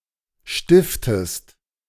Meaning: inflection of stiften: 1. second-person singular present 2. second-person singular subjunctive I
- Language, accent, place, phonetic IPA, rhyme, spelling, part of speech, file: German, Germany, Berlin, [ˈʃtɪftəst], -ɪftəst, stiftest, verb, De-stiftest.ogg